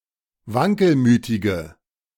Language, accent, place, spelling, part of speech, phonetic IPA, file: German, Germany, Berlin, wankelmütige, adjective, [ˈvaŋkəlˌmyːtɪɡə], De-wankelmütige.ogg
- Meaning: inflection of wankelmütig: 1. strong/mixed nominative/accusative feminine singular 2. strong nominative/accusative plural 3. weak nominative all-gender singular